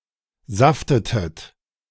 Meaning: inflection of saften: 1. second-person plural preterite 2. second-person plural subjunctive II
- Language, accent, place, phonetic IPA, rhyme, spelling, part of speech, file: German, Germany, Berlin, [ˈzaftətət], -aftətət, saftetet, verb, De-saftetet.ogg